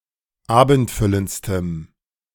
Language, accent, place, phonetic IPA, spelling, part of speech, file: German, Germany, Berlin, [ˈaːbn̩tˌfʏlənt͡stəm], abendfüllendstem, adjective, De-abendfüllendstem.ogg
- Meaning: strong dative masculine/neuter singular superlative degree of abendfüllend